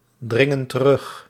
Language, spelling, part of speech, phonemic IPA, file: Dutch, dringen terug, verb, /ˈdrɪŋə(n) t(ə)ˈrʏx/, Nl-dringen terug.ogg
- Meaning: inflection of terugdringen: 1. plural present indicative 2. plural present subjunctive